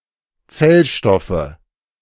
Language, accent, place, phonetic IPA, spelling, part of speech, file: German, Germany, Berlin, [ˈt͡sɛlˌʃtɔfə], Zellstoffe, noun, De-Zellstoffe.ogg
- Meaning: 1. nominative/accusative/genitive plural of Zellstoff 2. dative of Zellstoff